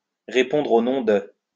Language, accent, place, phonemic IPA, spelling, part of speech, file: French, France, Lyon, /ʁe.pɔ̃dʁ o nɔ̃ də/, répondre au nom de, verb, LL-Q150 (fra)-répondre au nom de.wav
- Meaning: to be called (something)